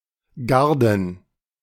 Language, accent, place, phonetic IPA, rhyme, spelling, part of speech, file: German, Germany, Berlin, [ˈɡaʁdn̩], -aʁdn̩, Garden, noun, De-Garden.ogg
- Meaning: plural of Garde